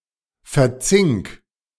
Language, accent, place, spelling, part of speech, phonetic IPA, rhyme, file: German, Germany, Berlin, verzink, verb, [fɛɐ̯ˈt͡sɪŋk], -ɪŋk, De-verzink.ogg
- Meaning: 1. singular imperative of verzinken 2. first-person singular present of verzinken